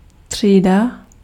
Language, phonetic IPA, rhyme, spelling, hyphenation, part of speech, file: Czech, [ˈtr̝̊iːda], -iːda, třída, tří‧da, noun, Cs-třída.ogg
- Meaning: 1. class (group sharing attributes) 2. class (group of students taught together) 3. classroom 4. class (category of seats in an airplane or train) 5. class 6. avenue (broad street)